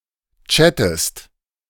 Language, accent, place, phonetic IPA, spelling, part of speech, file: German, Germany, Berlin, [ˈt͡ʃætəst], chattest, verb, De-chattest.ogg
- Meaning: inflection of chatten: 1. second-person singular present 2. second-person singular subjunctive I